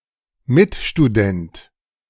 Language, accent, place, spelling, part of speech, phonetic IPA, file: German, Germany, Berlin, Mitstudent, noun, [ˈmɪtʃtuˌdɛnt], De-Mitstudent.ogg
- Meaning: fellow student (male or of unspecified gender)